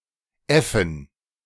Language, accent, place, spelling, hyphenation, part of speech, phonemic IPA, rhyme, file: German, Germany, Berlin, äffen, äf‧fen, verb, /ˈɛfn̩/, -ɛfn̩, De-äffen.ogg
- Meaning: 1. to ape, imitate 2. to fool, mislead